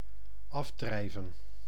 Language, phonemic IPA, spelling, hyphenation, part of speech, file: Dutch, /ˈɑfˌdrɛi̯.və(n)/, afdrijven, af‧drij‧ven, verb, Nl-afdrijven.ogg
- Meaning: 1. to float away, to float off 2. to get lost in thought 3. to expel, force out 4. to refine, to purify 5. to remove from or leave the womb or birth canal; e.g. to void, to abort, to miscarry